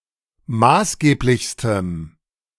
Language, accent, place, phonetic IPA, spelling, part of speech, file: German, Germany, Berlin, [ˈmaːsˌɡeːplɪçstəm], maßgeblichstem, adjective, De-maßgeblichstem.ogg
- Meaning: strong dative masculine/neuter singular superlative degree of maßgeblich